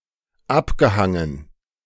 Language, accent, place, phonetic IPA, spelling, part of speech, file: German, Germany, Berlin, [ˈapɡəˌhaŋən], abgehangen, verb, De-abgehangen.ogg
- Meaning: past participle of abhängen